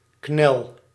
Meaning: inflection of knellen: 1. first-person singular present indicative 2. second-person singular present indicative 3. imperative
- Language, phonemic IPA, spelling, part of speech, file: Dutch, /knɛl/, knel, noun / verb, Nl-knel.ogg